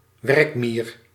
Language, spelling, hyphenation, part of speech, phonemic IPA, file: Dutch, werkmier, werk‧mier, noun, /ˈʋɛrk.miːr/, Nl-werkmier.ogg
- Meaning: worker ant, ergate